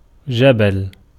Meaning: 1. mountain 2. mountains, mountain range
- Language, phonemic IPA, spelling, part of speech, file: Arabic, /d͡ʒa.bal/, جبل, noun, Ar-جبل.ogg